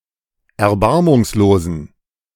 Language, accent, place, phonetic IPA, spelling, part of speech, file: German, Germany, Berlin, [ɛɐ̯ˈbaʁmʊŋsloːzn̩], erbarmungslosen, adjective, De-erbarmungslosen.ogg
- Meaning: inflection of erbarmungslos: 1. strong genitive masculine/neuter singular 2. weak/mixed genitive/dative all-gender singular 3. strong/weak/mixed accusative masculine singular 4. strong dative plural